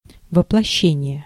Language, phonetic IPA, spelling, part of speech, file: Russian, [vəpɫɐˈɕːenʲɪje], воплощение, noun, Ru-воплощение.ogg
- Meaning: incarnation, embodiment